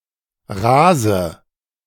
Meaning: inflection of rasen: 1. first-person singular present 2. first/third-person singular subjunctive I 3. singular imperative
- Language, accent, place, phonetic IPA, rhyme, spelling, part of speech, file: German, Germany, Berlin, [ˈʁaːzə], -aːzə, rase, verb, De-rase.ogg